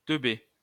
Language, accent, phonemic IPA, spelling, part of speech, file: French, France, /tœ.be/, teubé, adjective / noun, LL-Q150 (fra)-teubé.wav
- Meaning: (adjective) dumb; stupid; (noun) dummy; dimwit; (adjective) dicked, cocked, bedicked (having a specified kind of penis)